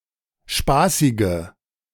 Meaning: inflection of spaßig: 1. strong/mixed nominative/accusative feminine singular 2. strong nominative/accusative plural 3. weak nominative all-gender singular 4. weak accusative feminine/neuter singular
- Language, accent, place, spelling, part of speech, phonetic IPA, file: German, Germany, Berlin, spaßige, adjective, [ˈʃpaːsɪɡə], De-spaßige.ogg